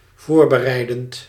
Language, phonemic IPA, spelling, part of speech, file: Dutch, /ˈvorbəˌrɛidənt/, voorbereidend, verb / adjective, Nl-voorbereidend.ogg
- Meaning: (adjective) preparatory; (verb) present participle of voorbereiden